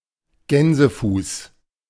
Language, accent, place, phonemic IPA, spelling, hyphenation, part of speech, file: German, Germany, Berlin, /ˈɡɛnzəˌfuːs/, Gänsefuß, Gän‧se‧fuß, noun, De-Gänsefuß.ogg
- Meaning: 1. foot of a goose 2. goosefoot, pigweed (Chenopodium sp.) 3. pes anserinus ("goose foot")